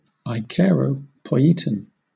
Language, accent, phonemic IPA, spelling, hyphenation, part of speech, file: English, Southern England, /eɪˈkaɪɹəʊpɔɪˌiːtən/, acheiropoieton, achei‧ro‧poi‧e‧ton, noun, LL-Q1860 (eng)-acheiropoieton.wav
- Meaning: A religion icon (chiefly of Christ or the Virgin Mary) believed not to have been created by human hands; a miraculous image